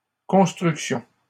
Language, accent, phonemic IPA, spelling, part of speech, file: French, Canada, /kɔ̃s.tʁyk.sjɔ̃/, constructions, noun, LL-Q150 (fra)-constructions.wav
- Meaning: plural of construction